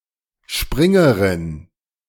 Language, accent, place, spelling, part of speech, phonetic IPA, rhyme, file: German, Germany, Berlin, Springerin, noun, [ˈʃpʁɪŋəʁɪn], -ɪŋəʁɪn, De-Springerin.ogg
- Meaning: 1. jumper, one who jumps (female) 2. female stand in